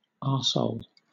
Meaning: An unsaturated, five-membered heterocyclic compound of arsenic, C₄H₅As; any substituted form of this compound
- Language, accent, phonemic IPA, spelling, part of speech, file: English, Southern England, /ˈɑː(ɹ).soʊl/, arsole, noun, LL-Q1860 (eng)-arsole.wav